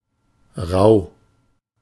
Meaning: 1. rough 2. hirsute, hairy
- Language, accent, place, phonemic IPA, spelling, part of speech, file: German, Germany, Berlin, /ʁaʊ̯/, rau, adjective, De-rau.ogg